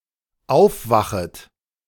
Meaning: second-person plural dependent subjunctive I of aufwachen
- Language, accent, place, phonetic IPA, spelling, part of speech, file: German, Germany, Berlin, [ˈaʊ̯fˌvaxət], aufwachet, verb, De-aufwachet.ogg